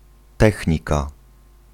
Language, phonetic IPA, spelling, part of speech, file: Polish, [ˈtɛxʲɲika], technika, noun, Pl-technika.ogg